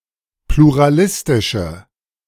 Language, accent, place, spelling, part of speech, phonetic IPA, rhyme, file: German, Germany, Berlin, pluralistische, adjective, [pluʁaˈlɪstɪʃə], -ɪstɪʃə, De-pluralistische.ogg
- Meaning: inflection of pluralistisch: 1. strong/mixed nominative/accusative feminine singular 2. strong nominative/accusative plural 3. weak nominative all-gender singular